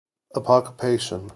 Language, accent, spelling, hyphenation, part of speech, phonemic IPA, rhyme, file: English, US, apocopation, apoc‧o‧pa‧tion, noun, /əˌpɑkəˈpeɪʃən/, -eɪʃən, En-us-apocopation.ogg
- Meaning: A word formed by removing the end of a longer word